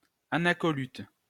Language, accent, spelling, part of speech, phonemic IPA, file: French, France, anacoluthe, noun, /a.na.kɔ.lyt/, LL-Q150 (fra)-anacoluthe.wav
- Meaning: anacoluthon